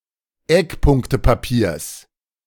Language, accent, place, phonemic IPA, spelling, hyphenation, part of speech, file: German, Germany, Berlin, /ˈɛkˌpʊŋktəpaˌpiːɐ̯s/, Eckpunktepapiers, Eck‧punk‧te‧pa‧piers, noun, De-Eckpunktepapiers.ogg
- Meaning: genitive singular of Eckpunktepapier